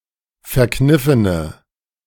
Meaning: inflection of verkniffen: 1. strong/mixed nominative/accusative feminine singular 2. strong nominative/accusative plural 3. weak nominative all-gender singular
- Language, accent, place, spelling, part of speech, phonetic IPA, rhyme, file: German, Germany, Berlin, verkniffene, adjective, [fɛɐ̯ˈknɪfənə], -ɪfənə, De-verkniffene.ogg